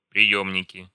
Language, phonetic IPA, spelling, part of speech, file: Russian, [prʲɪˈjɵmnʲɪkʲɪ], приёмники, noun, Ru-приёмники.ogg
- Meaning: nominative/accusative plural of приёмник (prijómnik)